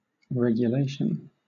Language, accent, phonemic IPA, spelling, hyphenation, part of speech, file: English, Southern England, /ˌɹɛɡjʊˈleɪʃən/, regulation, reg‧u‧la‧tion, noun / adjective, LL-Q1860 (eng)-regulation.wav
- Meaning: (noun) 1. The act of regulating or the condition of being regulated 2. A law or administrative rule, issued by an organization, used to guide or prescribe the conduct of members of that organization